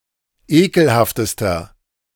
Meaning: inflection of ekelhaft: 1. strong/mixed nominative masculine singular superlative degree 2. strong genitive/dative feminine singular superlative degree 3. strong genitive plural superlative degree
- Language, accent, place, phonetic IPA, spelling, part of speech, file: German, Germany, Berlin, [ˈeːkl̩haftəstɐ], ekelhaftester, adjective, De-ekelhaftester.ogg